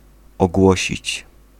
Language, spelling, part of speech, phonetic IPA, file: Polish, ogłosić, verb, [ɔˈɡwɔɕit͡ɕ], Pl-ogłosić.ogg